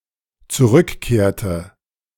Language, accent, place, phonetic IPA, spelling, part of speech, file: German, Germany, Berlin, [t͡suˈʁʏkˌkeːɐ̯tə], zurückkehrte, verb, De-zurückkehrte.ogg
- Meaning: inflection of zurückkehren: 1. first/third-person singular dependent preterite 2. first/third-person singular dependent subjunctive II